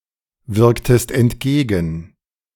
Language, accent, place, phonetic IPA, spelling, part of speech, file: German, Germany, Berlin, [ˌvɪʁktəst ɛntˈɡeːɡn̩], wirktest entgegen, verb, De-wirktest entgegen.ogg
- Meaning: inflection of entgegenwirken: 1. second-person singular preterite 2. second-person singular subjunctive II